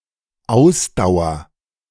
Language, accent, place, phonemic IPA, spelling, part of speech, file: German, Germany, Berlin, /ˈaʊ̯sdaʊ̯ɐ/, Ausdauer, noun, De-Ausdauer.ogg
- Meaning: 1. constancy 2. endurance 3. perseverance 4. persistence 5. stamina